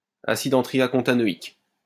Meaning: hentriacontanoic acid
- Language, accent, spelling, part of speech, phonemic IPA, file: French, France, acide hentriacontanoïque, noun, /a.sid ɑ̃.tʁi.ja.kɔ̃.ta.nɔ.ik/, LL-Q150 (fra)-acide hentriacontanoïque.wav